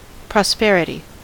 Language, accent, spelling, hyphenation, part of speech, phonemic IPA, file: English, US, prosperity, pros‧per‧i‧ty, noun, /pɹɑˈspɛɹ.ɪ.ti/, En-us-prosperity.ogg
- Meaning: The condition of being prosperous: having good fortune and a fortune